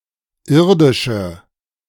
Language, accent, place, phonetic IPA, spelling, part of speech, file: German, Germany, Berlin, [ˈɪʁdɪʃə], irdische, adjective, De-irdische.ogg
- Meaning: inflection of irdisch: 1. strong/mixed nominative/accusative feminine singular 2. strong nominative/accusative plural 3. weak nominative all-gender singular 4. weak accusative feminine/neuter singular